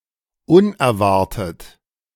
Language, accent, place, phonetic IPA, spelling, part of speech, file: German, Germany, Berlin, [ˈʊnɛɐ̯ˌvaʁtət], unerwartet, adjective, De-unerwartet.ogg
- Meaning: unexpected